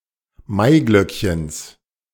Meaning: genitive singular of Maiglöckchen
- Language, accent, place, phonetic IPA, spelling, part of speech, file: German, Germany, Berlin, [ˈmaɪ̯ɡlœkçəns], Maiglöckchens, noun, De-Maiglöckchens.ogg